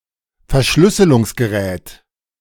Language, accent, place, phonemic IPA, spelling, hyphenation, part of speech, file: German, Germany, Berlin, /fɛɐ̯ˈʃlʏsəlʊŋsɡəˌʁɛːt/, Verschlüsselungsgerät, Ver‧schlüs‧se‧lungs‧ge‧rät, noun, De-Verschlüsselungsgerät.ogg
- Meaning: encryption device